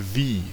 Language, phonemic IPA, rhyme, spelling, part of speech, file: German, /viː/, -iː, wie, adverb / conjunction, De-wie.ogg
- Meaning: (adverb) how; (conjunction) 1. like 2. as 3. than 4. when (referring to the past)